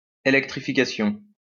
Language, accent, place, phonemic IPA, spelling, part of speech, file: French, France, Lyon, /e.lɛk.tʁi.fi.ka.sjɔ̃/, électrification, noun, LL-Q150 (fra)-électrification.wav
- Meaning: electrification